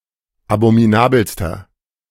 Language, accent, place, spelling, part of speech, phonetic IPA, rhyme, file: German, Germany, Berlin, abominabelster, adjective, [abomiˈnaːbl̩stɐ], -aːbl̩stɐ, De-abominabelster.ogg
- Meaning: inflection of abominabel: 1. strong/mixed nominative masculine singular superlative degree 2. strong genitive/dative feminine singular superlative degree 3. strong genitive plural superlative degree